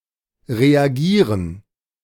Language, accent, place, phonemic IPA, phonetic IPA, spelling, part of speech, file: German, Germany, Berlin, /ʁeaˈɡiːʁən/, [ʁeaˈɡiːɐ̯n], reagieren, verb, De-reagieren.ogg
- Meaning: to react; to respond